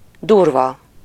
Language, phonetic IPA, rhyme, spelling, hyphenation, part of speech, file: Hungarian, [ˈdurvɒ], -vɒ, durva, dur‧va, adjective, Hu-durva.ogg
- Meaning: 1. coarse (of inferior quality) 2. brusque, rough, rude 3. extreme, epic, solid, heavy, gross